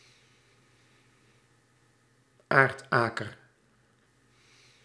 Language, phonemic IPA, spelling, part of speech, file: Dutch, /ˈaːrtˌaː.kər/, aardaker, noun, Nl-aardaker.ogg
- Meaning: earthnut pea (Lathyrus tuberosus)